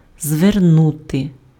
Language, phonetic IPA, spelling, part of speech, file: Ukrainian, [zʋerˈnute], звернути, verb, Uk-звернути.ogg
- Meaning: 1. to turn (change one's direction of movement) 2. to turn (change the direction or orientation of) 3. to turn, to direct, to address (:words, gaze, attention), to pay (:attention)